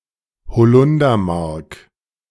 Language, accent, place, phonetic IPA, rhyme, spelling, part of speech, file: German, Germany, Berlin, [bəˈt͡sɔɪ̯ktn̩], -ɔɪ̯ktn̩, bezeugten, adjective / verb, De-bezeugten.ogg
- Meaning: inflection of bezeugt: 1. strong genitive masculine/neuter singular 2. weak/mixed genitive/dative all-gender singular 3. strong/weak/mixed accusative masculine singular 4. strong dative plural